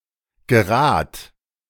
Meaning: singular imperative of geraten
- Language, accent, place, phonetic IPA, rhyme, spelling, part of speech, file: German, Germany, Berlin, [ɡəˈʁaːt], -aːt, gerat, verb, De-gerat.ogg